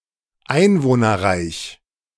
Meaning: populous (having a large population)
- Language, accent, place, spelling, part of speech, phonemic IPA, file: German, Germany, Berlin, einwohnerreich, adjective, /ˈaɪ̯nvoːnɐˌʁaɪ̯ç/, De-einwohnerreich.ogg